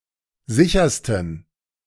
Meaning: 1. superlative degree of sicher 2. inflection of sicher: strong genitive masculine/neuter singular superlative degree
- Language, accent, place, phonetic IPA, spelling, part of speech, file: German, Germany, Berlin, [ˈzɪçɐstn̩], sichersten, adjective, De-sichersten.ogg